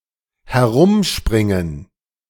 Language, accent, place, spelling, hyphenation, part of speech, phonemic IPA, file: German, Germany, Berlin, herumspringen, he‧r‧um‧sprin‧gen, verb, /hɛˈʁʊmˌʃpʁɪŋən/, De-herumspringen.ogg
- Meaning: to jump around